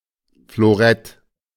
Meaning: foil (light sword used in fencing)
- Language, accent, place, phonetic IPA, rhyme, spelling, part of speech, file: German, Germany, Berlin, [floˈʁɛt], -ɛt, Florett, noun, De-Florett.ogg